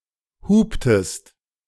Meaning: inflection of hupen: 1. second-person singular preterite 2. second-person singular subjunctive II
- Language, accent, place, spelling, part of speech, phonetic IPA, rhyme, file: German, Germany, Berlin, huptest, verb, [ˈhuːptəst], -uːptəst, De-huptest.ogg